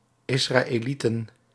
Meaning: plural of Israëliet
- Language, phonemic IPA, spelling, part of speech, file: Dutch, /ɪsraeˈlitə(n)/, Israëlieten, noun, Nl-Israëlieten.ogg